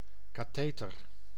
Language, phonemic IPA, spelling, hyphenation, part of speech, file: Dutch, /ˌkaːˈteː.tər/, catheter, ca‧the‧ter, noun, Nl-catheter.ogg
- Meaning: superseded spelling of katheter